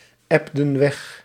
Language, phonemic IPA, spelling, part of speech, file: Dutch, /ˈɛbdə(n) ˈwɛx/, ebden weg, verb, Nl-ebden weg.ogg
- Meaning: inflection of wegebben: 1. plural past indicative 2. plural past subjunctive